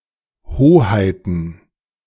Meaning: plural of Hoheit
- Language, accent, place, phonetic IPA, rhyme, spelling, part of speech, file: German, Germany, Berlin, [ˈhoːhaɪ̯tn̩], -oːhaɪ̯tn̩, Hoheiten, noun, De-Hoheiten.ogg